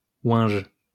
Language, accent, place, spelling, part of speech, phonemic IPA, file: French, France, Lyon, oinj, noun, /wɛ̃ʒ/, LL-Q150 (fra)-oinj.wav
- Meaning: joint (marijuana cigarette)